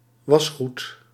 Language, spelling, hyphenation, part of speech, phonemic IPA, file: Dutch, wasgoed, was‧goed, noun, /ˈʋɑs.xut/, Nl-wasgoed.ogg
- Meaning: laundry (that which needs to be laundered)